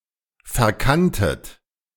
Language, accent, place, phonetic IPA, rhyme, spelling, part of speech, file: German, Germany, Berlin, [fɛɐ̯ˈkantət], -antət, verkanntet, verb, De-verkanntet.ogg
- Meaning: second-person plural preterite of verkennen